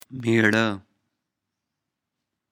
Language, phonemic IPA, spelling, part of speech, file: Pashto, /meˈɻə/, مېړۀ, noun, مېړۀ.ogg
- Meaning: husband